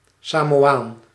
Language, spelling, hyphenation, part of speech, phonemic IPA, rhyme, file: Dutch, Samoaan, Sa‧mo‧aan, noun, /ˌsaː.moːˈaːn/, -aːn, Nl-Samoaan.ogg
- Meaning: a Samoan